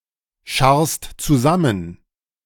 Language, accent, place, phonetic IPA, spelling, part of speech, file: German, Germany, Berlin, [ˌʃaʁst t͡suˈzamən], scharrst zusammen, verb, De-scharrst zusammen.ogg
- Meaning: second-person singular present of zusammenscharren